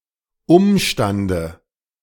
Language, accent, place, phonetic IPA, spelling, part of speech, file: German, Germany, Berlin, [ˈʊmʃtandə], Umstande, noun, De-Umstande.ogg
- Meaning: dative of Umstand